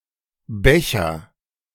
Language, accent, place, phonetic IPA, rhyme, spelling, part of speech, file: German, Germany, Berlin, [ˈbɛçɐ], -ɛçɐ, becher, verb, De-becher.ogg
- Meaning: inflection of bechern: 1. first-person singular present 2. singular imperative